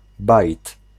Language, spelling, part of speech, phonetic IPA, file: Polish, bajt, noun, [bajt], Pl-bajt.ogg